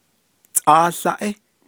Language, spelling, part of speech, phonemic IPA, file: Navajo, tʼááłáʼí, numeral, /tʼɑ́ːɬɑ́ʔɪ́/, Nv-tʼááłáʼí.ogg
- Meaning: one